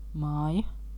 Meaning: 1. house, dwelling 2. farmhouse, farmstead, farm and its buildings 3. house, home
- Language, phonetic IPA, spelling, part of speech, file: Latvian, [ˈmāːja], māja, noun, Lv-māja.oga